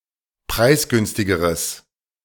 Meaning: strong/mixed nominative/accusative neuter singular comparative degree of preisgünstig
- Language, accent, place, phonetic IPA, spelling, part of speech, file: German, Germany, Berlin, [ˈpʁaɪ̯sˌɡʏnstɪɡəʁəs], preisgünstigeres, adjective, De-preisgünstigeres.ogg